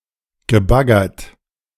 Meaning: past participle of baggern
- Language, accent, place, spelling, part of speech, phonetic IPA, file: German, Germany, Berlin, gebaggert, verb, [ɡəˈbaɡɐt], De-gebaggert.ogg